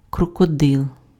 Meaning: crocodile
- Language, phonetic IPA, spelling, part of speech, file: Ukrainian, [krɔkɔˈdɪɫ], крокодил, noun, Uk-крокодил.ogg